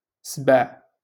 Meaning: lion
- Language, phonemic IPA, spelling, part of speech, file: Moroccan Arabic, /sbaʕ/, سبع, noun, LL-Q56426 (ary)-سبع.wav